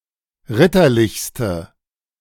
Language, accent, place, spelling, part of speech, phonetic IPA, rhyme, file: German, Germany, Berlin, ritterlichste, adjective, [ˈʁɪtɐˌlɪçstə], -ɪtɐlɪçstə, De-ritterlichste.ogg
- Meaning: inflection of ritterlich: 1. strong/mixed nominative/accusative feminine singular superlative degree 2. strong nominative/accusative plural superlative degree